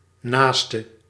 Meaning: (noun) fellow human, someone close to oneself (such as a neighbour, relative etc.); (verb) singular present subjunctive of naasten
- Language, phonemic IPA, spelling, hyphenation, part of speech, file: Dutch, /ˈnaːs.tə/, naaste, naas‧te, noun / verb / adjective, Nl-naaste.ogg